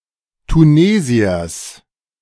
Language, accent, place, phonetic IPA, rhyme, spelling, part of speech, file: German, Germany, Berlin, [tuˈneːzi̯ɐs], -eːzi̯ɐs, Tunesiers, noun, De-Tunesiers.ogg
- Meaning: genitive singular of Tunesier